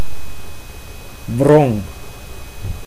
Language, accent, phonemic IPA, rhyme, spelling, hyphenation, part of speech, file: Dutch, Netherlands, /vrɔŋ/, -ɔŋ, wrong, wrong, noun / verb, Nl-wrong.ogg
- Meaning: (noun) torse (a ring made of two strips of cloth intertwined used on top of helmets to soften any blow); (verb) singular past indicative of wringen